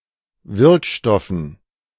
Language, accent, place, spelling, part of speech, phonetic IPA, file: German, Germany, Berlin, Wirkstoffen, noun, [ˈvɪʁkˌʃtɔfn̩], De-Wirkstoffen.ogg
- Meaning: dative plural of Wirkstoff